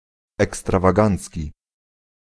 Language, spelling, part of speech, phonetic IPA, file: Polish, ekstrawagancki, adjective, [ˌɛkstravaˈɡãnt͡sʲci], Pl-ekstrawagancki.ogg